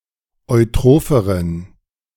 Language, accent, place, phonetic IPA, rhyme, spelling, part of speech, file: German, Germany, Berlin, [ɔɪ̯ˈtʁoːfəʁən], -oːfəʁən, eutropheren, adjective, De-eutropheren.ogg
- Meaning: inflection of eutroph: 1. strong genitive masculine/neuter singular comparative degree 2. weak/mixed genitive/dative all-gender singular comparative degree